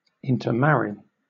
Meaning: 1. To marry a member of another group, social stratum, or religion 2. To marry within the same ethnic, social, or family group
- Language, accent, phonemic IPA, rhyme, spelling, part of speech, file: English, Southern England, /ˌɪntə(ɹ)ˈmæɹi/, -æɹi, intermarry, verb, LL-Q1860 (eng)-intermarry.wav